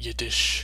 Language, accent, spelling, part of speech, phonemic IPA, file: English, US, Yiddish, adjective / proper noun, /ˈjɪd.ɪʃ/, En-Yiddish.oga
- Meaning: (adjective) 1. Of or pertaining to the Yiddish language 2. Jewish; relating to Yiddishkeit